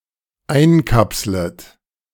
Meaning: second-person plural dependent subjunctive I of einkapseln
- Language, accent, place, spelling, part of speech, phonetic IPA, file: German, Germany, Berlin, einkapslet, verb, [ˈaɪ̯nˌkapslət], De-einkapslet.ogg